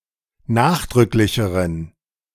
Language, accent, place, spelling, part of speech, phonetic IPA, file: German, Germany, Berlin, nachdrücklicheren, adjective, [ˈnaːxdʁʏklɪçəʁən], De-nachdrücklicheren.ogg
- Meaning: inflection of nachdrücklich: 1. strong genitive masculine/neuter singular comparative degree 2. weak/mixed genitive/dative all-gender singular comparative degree